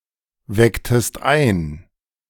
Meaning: inflection of einwecken: 1. second-person singular preterite 2. second-person singular subjunctive II
- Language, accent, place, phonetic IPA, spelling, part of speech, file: German, Germany, Berlin, [ˌvɛktəst ˈaɪ̯n], wecktest ein, verb, De-wecktest ein.ogg